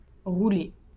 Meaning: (verb) past participle of rouler; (noun) 1. a rolled cake 2. a drum roll
- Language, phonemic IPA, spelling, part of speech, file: French, /ʁu.le/, roulé, verb / noun, LL-Q150 (fra)-roulé.wav